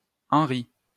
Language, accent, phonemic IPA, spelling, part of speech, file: French, France, /ɑ̃.ʁi/, henry, noun, LL-Q150 (fra)-henry.wav
- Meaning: henry